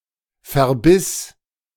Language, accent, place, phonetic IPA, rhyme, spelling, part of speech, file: German, Germany, Berlin, [fɛɐ̯ˈbɪs], -ɪs, verbiss, verb, De-verbiss.ogg
- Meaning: first/third-person singular preterite of verbeißen